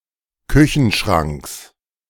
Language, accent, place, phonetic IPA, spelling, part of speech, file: German, Germany, Berlin, [ˈkʏçn̩ˌʃʁaŋks], Küchenschranks, noun, De-Küchenschranks.ogg
- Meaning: genitive singular of Küchenschrank